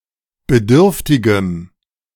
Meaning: strong dative masculine/neuter singular of bedürftig
- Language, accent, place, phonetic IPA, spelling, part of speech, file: German, Germany, Berlin, [bəˈdʏʁftɪɡəm], bedürftigem, adjective, De-bedürftigem.ogg